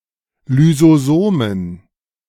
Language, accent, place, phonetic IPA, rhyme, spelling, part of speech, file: German, Germany, Berlin, [lyzoˈzoːmən], -oːmən, Lysosomen, noun, De-Lysosomen.ogg
- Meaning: plural of Lysosom